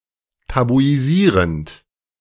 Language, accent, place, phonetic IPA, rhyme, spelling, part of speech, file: German, Germany, Berlin, [tabuiˈziːʁənt], -iːʁənt, tabuisierend, verb, De-tabuisierend.ogg
- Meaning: present participle of tabuisieren